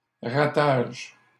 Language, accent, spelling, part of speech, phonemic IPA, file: French, Canada, ratage, noun, /ʁa.taʒ/, LL-Q150 (fra)-ratage.wav
- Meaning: failure